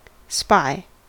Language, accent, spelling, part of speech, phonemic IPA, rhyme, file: English, US, spy, noun / verb, /spaɪ/, -aɪ, En-us-spy.ogg
- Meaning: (noun) A person who secretly watches and examines the actions of other individuals or organizations and gathers information on them (usually to gain an advantage)